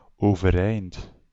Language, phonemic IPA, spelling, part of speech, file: Dutch, /ˌovəˈrɛint/, overeind, adverb, Nl-overeind.ogg
- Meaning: 1. standing 2. into a standing state